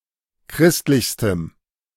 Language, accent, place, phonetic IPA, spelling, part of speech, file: German, Germany, Berlin, [ˈkʁɪstlɪçstəm], christlichstem, adjective, De-christlichstem.ogg
- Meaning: strong dative masculine/neuter singular superlative degree of christlich